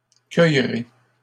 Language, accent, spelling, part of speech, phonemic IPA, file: French, Canada, cueillerez, verb, /kœj.ʁe/, LL-Q150 (fra)-cueillerez.wav
- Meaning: second-person plural future of cueillir